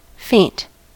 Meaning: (adjective) 1. Lacking strength; weak; languid; inclined to lose consciousness 2. Lacking courage, spirit, or energy; cowardly; dejected 3. Barely perceptible; not bright, or loud, or sharp
- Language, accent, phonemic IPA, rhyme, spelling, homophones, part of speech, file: English, General American, /feɪnt/, -eɪnt, faint, feint, adjective / noun / verb, En-us-faint.ogg